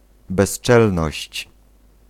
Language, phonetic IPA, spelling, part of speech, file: Polish, [bɛʃˈt͡ʃɛlnɔɕt͡ɕ], bezczelność, noun, Pl-bezczelność.ogg